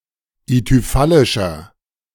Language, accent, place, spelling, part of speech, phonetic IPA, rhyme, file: German, Germany, Berlin, ithyphallischer, adjective, [ityˈfalɪʃɐ], -alɪʃɐ, De-ithyphallischer.ogg
- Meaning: inflection of ithyphallisch: 1. strong/mixed nominative masculine singular 2. strong genitive/dative feminine singular 3. strong genitive plural